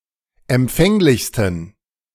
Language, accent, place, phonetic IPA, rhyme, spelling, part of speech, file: German, Germany, Berlin, [ɛmˈp͡fɛŋlɪçstn̩], -ɛŋlɪçstn̩, empfänglichsten, adjective, De-empfänglichsten.ogg
- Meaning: 1. superlative degree of empfänglich 2. inflection of empfänglich: strong genitive masculine/neuter singular superlative degree